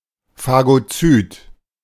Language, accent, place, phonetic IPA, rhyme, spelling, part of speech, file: German, Germany, Berlin, [faɡoˈt͡syːt], -yːt, Phagozyt, noun, De-Phagozyt.ogg
- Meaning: phagocyte